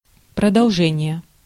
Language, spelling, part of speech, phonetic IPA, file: Russian, продолжение, noun, [prədɐɫˈʐɛnʲɪje], Ru-продолжение.ogg
- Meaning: continuation (act or state of continuing)